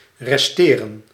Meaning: to remain
- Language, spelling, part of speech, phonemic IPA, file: Dutch, resteren, verb, /rɛstɪːrə(n)/, Nl-resteren.ogg